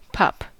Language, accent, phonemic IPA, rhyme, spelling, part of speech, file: English, US, /pʌp/, -ʌp, pup, noun / verb, En-us-pup.ogg
- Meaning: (noun) 1. A young dog, wolf, fox, seal, bat or shark, or the young of certain other animals 2. A young, inexperienced person 3. Any cute dog, regardless of age